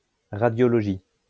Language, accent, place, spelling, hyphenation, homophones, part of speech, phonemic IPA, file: French, France, Lyon, radiologie, ra‧dio‧lo‧gie, radiologies, noun, /ʁa.djɔ.lɔ.ʒi/, LL-Q150 (fra)-radiologie.wav
- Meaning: radiology